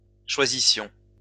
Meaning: inflection of choisir: 1. first-person plural imperfect indicative 2. first-person plural present/imperfect subjunctive
- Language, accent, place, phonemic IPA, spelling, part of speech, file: French, France, Lyon, /ʃwa.zi.sjɔ̃/, choisissions, verb, LL-Q150 (fra)-choisissions.wav